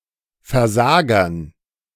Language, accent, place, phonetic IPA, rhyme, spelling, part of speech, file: German, Germany, Berlin, [fɛɐ̯ˈzaːɡɐn], -aːɡɐn, Versagern, noun, De-Versagern.ogg
- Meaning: dative plural of Versager